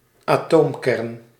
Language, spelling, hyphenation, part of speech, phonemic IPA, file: Dutch, atoomkern, atoom‧kern, noun, /aːˈtoːmˌkɛrn/, Nl-atoomkern.ogg
- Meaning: atomic nucleus